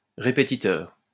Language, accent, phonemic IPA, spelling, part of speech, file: French, France, /ʁe.pe.ti.tœʁ/, répétiteur, noun, LL-Q150 (fra)-répétiteur.wav
- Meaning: 1. tutor, someone who helps pupils with their lessons 2. a repetiteur